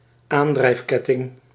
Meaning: drive chain
- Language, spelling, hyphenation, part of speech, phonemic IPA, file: Dutch, aandrijfketting, aan‧drijf‧ket‧ting, noun, /ˈaːn.drɛi̯fˌkɛ.tɪŋ/, Nl-aandrijfketting.ogg